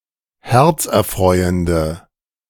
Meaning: inflection of herzerfreuend: 1. strong/mixed nominative/accusative feminine singular 2. strong nominative/accusative plural 3. weak nominative all-gender singular
- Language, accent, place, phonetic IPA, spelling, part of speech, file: German, Germany, Berlin, [ˈhɛʁt͡sʔɛɐ̯ˌfʁɔɪ̯əndə], herzerfreuende, adjective, De-herzerfreuende.ogg